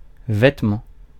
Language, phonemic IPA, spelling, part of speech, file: French, /vɛt.mɑ̃/, vêtement, noun, Fr-vêtement.ogg
- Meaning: 1. garment, item of clothing 2. clothes, clothing